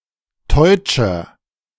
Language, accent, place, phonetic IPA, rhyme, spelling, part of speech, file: German, Germany, Berlin, [ˈtɔɪ̯t͡ʃɐ], -ɔɪ̯t͡ʃɐ, teutscher, adjective, De-teutscher.ogg
- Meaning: 1. comparative degree of teutsch 2. inflection of teutsch: strong/mixed nominative masculine singular 3. inflection of teutsch: strong genitive/dative feminine singular